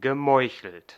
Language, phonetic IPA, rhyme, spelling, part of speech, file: German, [ɡəˈmɔɪ̯çl̩t], -ɔɪ̯çl̩t, gemeuchelt, verb, De-gemeuchelt.ogg
- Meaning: past participle of meucheln